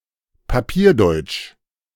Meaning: German officialese
- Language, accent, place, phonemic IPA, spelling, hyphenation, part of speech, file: German, Germany, Berlin, /paˈpiːɐ̯ˌdɔʏ̯ɪ̯t͡ʃ/, papierdeutsch, pa‧pier‧deutsch, adjective, De-papierdeutsch.ogg